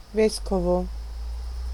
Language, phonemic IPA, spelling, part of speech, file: Italian, /ˈveskovo/, vescovo, noun, It-vescovo.ogg